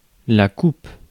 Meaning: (noun) 1. goblet, cup 2. cup (award; prize) 3. cut 4. haircut; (verb) inflection of couper: 1. first/third-person singular present indicative/subjunctive 2. second-person singular imperative
- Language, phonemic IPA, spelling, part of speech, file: French, /kup/, coupe, noun / verb, Fr-coupe.ogg